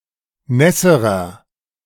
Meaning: inflection of nass: 1. strong/mixed nominative masculine singular comparative degree 2. strong genitive/dative feminine singular comparative degree 3. strong genitive plural comparative degree
- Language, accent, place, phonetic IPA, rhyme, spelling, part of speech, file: German, Germany, Berlin, [ˈnɛsəʁɐ], -ɛsəʁɐ, nässerer, adjective, De-nässerer.ogg